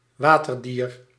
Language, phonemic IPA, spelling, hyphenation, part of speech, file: Dutch, /ˈʋaː.tərˌdiːr/, waterdier, wa‧ter‧dier, noun, Nl-waterdier.ogg
- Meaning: an aquatic animal (animal which lives (primarily) in water)